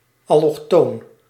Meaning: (adjective) allochthonous; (noun) a person (or thing) originating abroad
- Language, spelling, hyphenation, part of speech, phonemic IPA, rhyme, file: Dutch, allochtoon, al‧loch‧toon, adjective / noun, /ɑlɔxˈtoːn/, -oːn, Nl-allochtoon.ogg